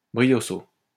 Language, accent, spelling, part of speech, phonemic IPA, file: French, France, brioso, adverb, /bʁi.jo.zo/, LL-Q150 (fra)-brioso.wav
- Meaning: in a lively style